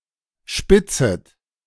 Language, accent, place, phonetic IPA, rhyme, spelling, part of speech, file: German, Germany, Berlin, [ˈʃpɪt͡sət], -ɪt͡sət, spitzet, verb, De-spitzet.ogg
- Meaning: second-person plural subjunctive I of spitzen